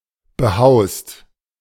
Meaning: second-person singular present of behauen
- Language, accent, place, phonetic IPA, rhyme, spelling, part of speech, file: German, Germany, Berlin, [bəˈhaʊ̯st], -aʊ̯st, behaust, verb, De-behaust.ogg